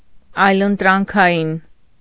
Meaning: alternative
- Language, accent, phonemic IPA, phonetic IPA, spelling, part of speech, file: Armenian, Eastern Armenian, /ɑjləntɾɑnkʰɑˈjin/, [ɑjləntɾɑŋkʰɑjín], այլընտրանքային, adjective, Hy-այլընտրանքային.ogg